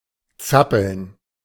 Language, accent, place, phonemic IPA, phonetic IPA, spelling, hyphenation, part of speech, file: German, Germany, Berlin, /ˈtsapəln/, [ˈt͡sa.pl̩n], zappeln, zap‧peln, verb, De-zappeln.ogg
- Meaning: to wriggle, to make fidgety movements (with the limbs and/or torso)